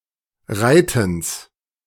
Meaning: genitive of Reiten
- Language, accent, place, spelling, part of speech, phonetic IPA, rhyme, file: German, Germany, Berlin, Reitens, noun, [ˈʁaɪ̯tn̩s], -aɪ̯tn̩s, De-Reitens.ogg